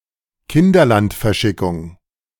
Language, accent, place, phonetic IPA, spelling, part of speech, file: German, Germany, Berlin, [kɪndɐˈlantfɛɐ̯ˌʃɪkʊŋ], Kinderlandverschickung, noun, De-Kinderlandverschickung.ogg
- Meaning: evacuation of children in Germany during World War II